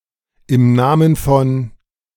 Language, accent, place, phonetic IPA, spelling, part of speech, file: German, Germany, Berlin, [ɪm ˈnaːmən fɔn], im Namen von, phrase, De-im Namen von2.ogg
- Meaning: alternative form of im Namen